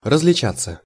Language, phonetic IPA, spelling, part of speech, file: Russian, [rəz⁽ʲ⁾lʲɪˈt͡ɕat͡sːə], различаться, verb, Ru-различаться.ogg
- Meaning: 1. to differ 2. passive of различа́ть (različátʹ)